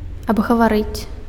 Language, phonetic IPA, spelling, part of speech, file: Belarusian, [abɣavaˈrɨt͡sʲ], абгаварыць, verb, Be-абгаварыць.ogg
- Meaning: to discuss